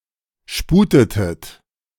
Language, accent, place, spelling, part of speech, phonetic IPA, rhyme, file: German, Germany, Berlin, sputetet, verb, [ˈʃpuːtətət], -uːtətət, De-sputetet.ogg
- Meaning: inflection of sputen: 1. second-person plural preterite 2. second-person plural subjunctive II